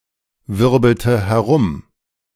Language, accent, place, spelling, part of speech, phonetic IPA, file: German, Germany, Berlin, wirbelte herum, verb, [ˌvɪʁbl̩tə hɛˈʁʊm], De-wirbelte herum.ogg
- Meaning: first/third-person singular preterite of herumwirbeln